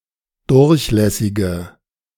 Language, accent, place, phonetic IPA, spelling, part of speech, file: German, Germany, Berlin, [ˈdʊʁçˌlɛsɪɡə], durchlässige, adjective, De-durchlässige.ogg
- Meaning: inflection of durchlässig: 1. strong/mixed nominative/accusative feminine singular 2. strong nominative/accusative plural 3. weak nominative all-gender singular